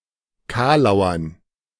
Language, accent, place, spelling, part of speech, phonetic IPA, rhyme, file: German, Germany, Berlin, kalauern, verb, [ˈkaːlaʊ̯ɐn], -aːlaʊ̯ɐn, De-kalauern.ogg
- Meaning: to joke; to pun